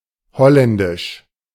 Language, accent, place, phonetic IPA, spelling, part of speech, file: German, Germany, Berlin, [ˈhɔlɛndɪʃ], holländisch, adjective, De-holländisch.ogg
- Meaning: 1. of Holland (region); Hollandish 2. Dutch, of the Netherlands (country)